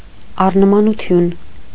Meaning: assimilation
- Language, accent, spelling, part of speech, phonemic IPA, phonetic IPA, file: Armenian, Eastern Armenian, առնմանություն, noun, /ɑrnəmɑnuˈtʰjun/, [ɑrnəmɑnut͡sʰjún], Hy-առնմանություն.ogg